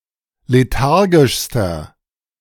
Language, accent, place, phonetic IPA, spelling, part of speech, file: German, Germany, Berlin, [leˈtaʁɡɪʃstɐ], lethargischster, adjective, De-lethargischster.ogg
- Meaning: inflection of lethargisch: 1. strong/mixed nominative masculine singular superlative degree 2. strong genitive/dative feminine singular superlative degree 3. strong genitive plural superlative degree